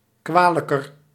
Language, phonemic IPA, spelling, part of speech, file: Dutch, /ˈkʋaːləkər/, kwalijker, adjective, Nl-kwalijker.ogg
- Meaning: comparative degree of kwalijk